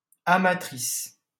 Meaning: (noun) female equivalent of amateur; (adjective) feminine singular of amateur
- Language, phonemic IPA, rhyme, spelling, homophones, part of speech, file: French, /a.ma.tʁis/, -is, amatrice, amatrices, noun / adjective, LL-Q150 (fra)-amatrice.wav